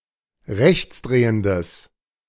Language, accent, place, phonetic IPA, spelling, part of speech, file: German, Germany, Berlin, [ˈʁɛçt͡sˌdʁeːəndəs], rechtsdrehendes, adjective, De-rechtsdrehendes.ogg
- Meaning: strong/mixed nominative/accusative neuter singular of rechtsdrehend